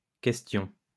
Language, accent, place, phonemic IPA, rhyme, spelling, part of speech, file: French, France, Lyon, /kɛs.tjɔ̃/, -jɔ̃, questions, noun, LL-Q150 (fra)-questions.wav
- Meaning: plural of question